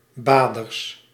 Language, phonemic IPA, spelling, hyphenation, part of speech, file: Dutch, /ˈbaː.dərs/, baders, ba‧ders, noun, Nl-baders.ogg
- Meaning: plural of bader